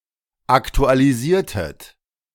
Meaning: inflection of aktualisieren: 1. second-person plural preterite 2. second-person plural subjunctive II
- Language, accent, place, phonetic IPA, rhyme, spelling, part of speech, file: German, Germany, Berlin, [ˌaktualiˈziːɐ̯tət], -iːɐ̯tət, aktualisiertet, verb, De-aktualisiertet.ogg